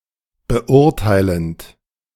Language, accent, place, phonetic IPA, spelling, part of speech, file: German, Germany, Berlin, [bəˈʔʊʁtaɪ̯lənt], beurteilend, verb, De-beurteilend.ogg
- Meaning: present participle of beurteilen